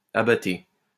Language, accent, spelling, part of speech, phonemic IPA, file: French, France, abattée, noun, /a.ba.te/, LL-Q150 (fra)-abattée.wav
- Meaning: 1. a movement of the boat that brings it closer to tailwind 2. a sudden nosedive of an aircraft due to a speed loss